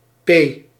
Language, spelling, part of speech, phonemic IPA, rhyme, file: Dutch, p, character, /peː/, -eː, Nl-p.ogg
- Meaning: The sixteenth letter of the Dutch alphabet, written in the Latin script